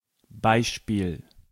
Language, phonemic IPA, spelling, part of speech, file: German, /ˈbaɪ̯ʃpiːl/, Beispiel, noun, De-Beispiel.ogg
- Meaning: example